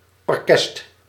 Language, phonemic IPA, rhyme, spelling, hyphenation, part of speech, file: Dutch, /ɔrˈkɛst/, -ɛst, orkest, or‧kest, noun, Nl-orkest.ogg
- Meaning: orchestra